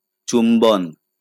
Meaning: kiss
- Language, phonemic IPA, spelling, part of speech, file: Bengali, /t͡ʃumbɔn/, চুম্বন, noun, LL-Q9610 (ben)-চুম্বন.wav